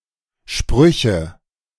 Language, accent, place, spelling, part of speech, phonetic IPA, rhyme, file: German, Germany, Berlin, Sprüche, noun, [ˈʃpʁʏçə], -ʏçə, De-Sprüche.ogg
- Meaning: nominative/accusative/genitive plural of Spruch